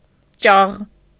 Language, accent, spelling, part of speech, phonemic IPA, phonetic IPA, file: Armenian, Eastern Armenian, ճաղ, noun, /t͡ʃɑʁ/, [t͡ʃɑʁ], Hy-ճաղ.ogg
- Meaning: 1. knitting needle 2. rod, bar (of a fence, gate, window, etc.) 3. baluster 4. each of the teeth of a comb, hackle 5. spoke of a wheel 6. each of the ribs of an umbrella